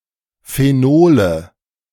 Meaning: nominative/accusative/genitive plural of Phenol
- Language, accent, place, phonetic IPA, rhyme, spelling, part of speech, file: German, Germany, Berlin, [feˈnoːlə], -oːlə, Phenole, noun, De-Phenole.ogg